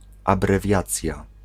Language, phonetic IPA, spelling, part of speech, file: Polish, [ˌabrɛˈvʲjat͡sʲja], abrewiacja, noun, Pl-abrewiacja.ogg